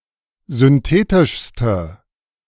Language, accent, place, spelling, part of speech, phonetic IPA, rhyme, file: German, Germany, Berlin, synthetischste, adjective, [zʏnˈteːtɪʃstə], -eːtɪʃstə, De-synthetischste.ogg
- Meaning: inflection of synthetisch: 1. strong/mixed nominative/accusative feminine singular superlative degree 2. strong nominative/accusative plural superlative degree